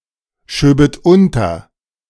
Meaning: second-person plural subjunctive II of unterschieben
- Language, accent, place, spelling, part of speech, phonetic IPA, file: German, Germany, Berlin, schöbet unter, verb, [ˌʃøːbət ˈʊntɐ], De-schöbet unter.ogg